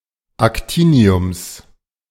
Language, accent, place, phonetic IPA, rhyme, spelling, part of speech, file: German, Germany, Berlin, [akˈtiːni̯ʊms], -iːni̯ʊms, Actiniums, noun, De-Actiniums.ogg
- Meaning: genitive singular of Actinium